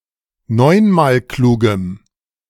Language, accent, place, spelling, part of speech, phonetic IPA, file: German, Germany, Berlin, neunmalklugem, adjective, [ˈnɔɪ̯nmaːlˌkluːɡəm], De-neunmalklugem.ogg
- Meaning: strong dative masculine/neuter singular of neunmalklug